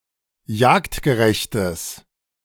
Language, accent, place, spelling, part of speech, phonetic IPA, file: German, Germany, Berlin, jagdgerechtes, adjective, [ˈjaːktɡəˌʁɛçtəs], De-jagdgerechtes.ogg
- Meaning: strong/mixed nominative/accusative neuter singular of jagdgerecht